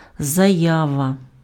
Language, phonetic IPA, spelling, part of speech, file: Ukrainian, [zɐˈjaʋɐ], заява, noun, Uk-заява.ogg
- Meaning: statement, declaration, claim, testimony